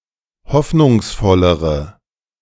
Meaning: inflection of hoffnungsvoll: 1. strong/mixed nominative/accusative feminine singular comparative degree 2. strong nominative/accusative plural comparative degree
- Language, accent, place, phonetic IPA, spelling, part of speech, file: German, Germany, Berlin, [ˈhɔfnʊŋsˌfɔləʁə], hoffnungsvollere, adjective, De-hoffnungsvollere.ogg